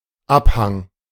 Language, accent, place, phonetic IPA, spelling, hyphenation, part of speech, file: German, Germany, Berlin, [ˈapˌhaŋ], Abhang, Ab‧hang, noun, De-Abhang.ogg
- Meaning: 1. slope, incline 2. hillside, declivity